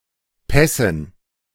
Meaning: dative plural of Pass
- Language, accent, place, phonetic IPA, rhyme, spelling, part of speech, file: German, Germany, Berlin, [ˈpɛsn̩], -ɛsn̩, Pässen, noun, De-Pässen.ogg